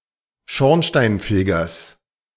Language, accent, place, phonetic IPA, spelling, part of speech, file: German, Germany, Berlin, [ˈʃɔʁnʃtaɪ̯nˌfeːɡɐs], Schornsteinfegers, noun, De-Schornsteinfegers.ogg
- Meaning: genitive singular of Schornsteinfeger